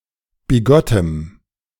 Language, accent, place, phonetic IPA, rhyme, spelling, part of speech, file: German, Germany, Berlin, [biˈɡɔtəm], -ɔtəm, bigottem, adjective, De-bigottem.ogg
- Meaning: strong dative masculine/neuter singular of bigott